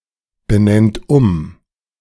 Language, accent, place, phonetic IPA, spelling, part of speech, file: German, Germany, Berlin, [bəˌnɛnt ˈʊm], benennt um, verb, De-benennt um.ogg
- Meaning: inflection of umbenennen: 1. third-person singular present 2. second-person plural present 3. plural imperative